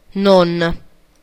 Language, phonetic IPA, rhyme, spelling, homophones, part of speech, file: Italian, [no.n‿], -on, non, 'n / in / un / un', adverb, It-non.ogg
- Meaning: 1. not 2. un- 3. don't